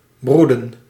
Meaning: 1. to breed (especially by birds or oviparous animals) 2. to brood (keep an egg warm)
- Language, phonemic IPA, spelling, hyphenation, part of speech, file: Dutch, /ˈbrudə(n)/, broeden, broe‧den, verb, Nl-broeden.ogg